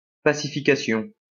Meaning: pacification
- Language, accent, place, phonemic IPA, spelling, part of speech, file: French, France, Lyon, /pa.si.fi.ka.sjɔ̃/, pacification, noun, LL-Q150 (fra)-pacification.wav